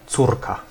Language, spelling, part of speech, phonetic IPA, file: Polish, córka, noun, [ˈt͡surka], Pl-córka.ogg